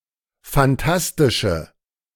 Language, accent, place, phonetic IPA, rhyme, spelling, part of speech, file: German, Germany, Berlin, [fanˈtastɪʃə], -astɪʃə, fantastische, adjective, De-fantastische.ogg
- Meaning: inflection of fantastisch: 1. strong/mixed nominative/accusative feminine singular 2. strong nominative/accusative plural 3. weak nominative all-gender singular